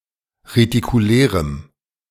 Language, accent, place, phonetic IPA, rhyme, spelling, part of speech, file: German, Germany, Berlin, [ʁetikuˈlɛːʁəm], -ɛːʁəm, retikulärem, adjective, De-retikulärem.ogg
- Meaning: strong dative masculine/neuter singular of retikulär